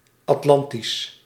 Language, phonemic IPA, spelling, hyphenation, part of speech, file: Dutch, /ɑtˈlɑn.tis/, Atlantisch, At‧lan‧tisch, adjective, Nl-Atlantisch.ogg
- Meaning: of or relating to the Atlantic Ocean